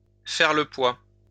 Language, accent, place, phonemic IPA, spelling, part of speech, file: French, France, Lyon, /fɛʁ lə pwa/, faire le poids, verb, LL-Q150 (fra)-faire le poids.wav
- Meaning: to hold a candle (to), to measure up (to), to cut the mustard (with respect to)